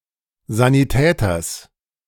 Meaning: genitive singular of Sanitäter
- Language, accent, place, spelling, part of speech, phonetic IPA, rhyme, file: German, Germany, Berlin, Sanitäters, noun, [ˌzaniˈtɛːtɐs], -ɛːtɐs, De-Sanitäters.ogg